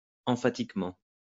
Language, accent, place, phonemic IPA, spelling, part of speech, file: French, France, Lyon, /ɑ̃.fa.tik.mɑ̃/, emphatiquement, adverb, LL-Q150 (fra)-emphatiquement.wav
- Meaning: emphatically